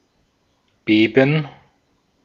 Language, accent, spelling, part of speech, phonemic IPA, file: German, Austria, beben, verb, /ˈbeːbən/, De-at-beben.ogg
- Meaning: to shake, to quiver